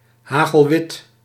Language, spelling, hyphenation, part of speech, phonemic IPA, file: Dutch, hagelwit, ha‧gel‧wit, adjective, /ˌɦaː.ɣəlˈʋɪt/, Nl-hagelwit.ogg
- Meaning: bright white, snow-white